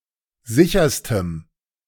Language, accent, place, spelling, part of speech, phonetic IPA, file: German, Germany, Berlin, sicherstem, adjective, [ˈzɪçɐstəm], De-sicherstem.ogg
- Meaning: strong dative masculine/neuter singular superlative degree of sicher